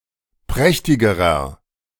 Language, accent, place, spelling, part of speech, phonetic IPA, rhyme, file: German, Germany, Berlin, prächtigerer, adjective, [ˈpʁɛçtɪɡəʁɐ], -ɛçtɪɡəʁɐ, De-prächtigerer.ogg
- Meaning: inflection of prächtig: 1. strong/mixed nominative masculine singular comparative degree 2. strong genitive/dative feminine singular comparative degree 3. strong genitive plural comparative degree